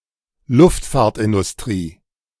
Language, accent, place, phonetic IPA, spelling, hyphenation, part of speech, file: German, Germany, Berlin, [ˈlʊftfaːɐ̯tʔɪndʊsˌtʁiː], Luftfahrtindustrie, Luft‧fahrt‧in‧dus‧t‧rie, noun, De-Luftfahrtindustrie.ogg
- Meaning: aircraft / aerospace industry